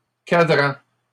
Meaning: plural of cadran
- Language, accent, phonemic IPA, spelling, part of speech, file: French, Canada, /ka.dʁɑ̃/, cadrans, noun, LL-Q150 (fra)-cadrans.wav